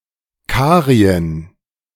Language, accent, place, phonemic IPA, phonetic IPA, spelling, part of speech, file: German, Germany, Berlin, /ˈkaːʁi̯ən/, [ˈkʰaːʁi̯ən], Karien, proper noun, De-Karien.ogg
- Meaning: Caria (a historical region in the southwest corner of Asia Minor, in modern Turkey)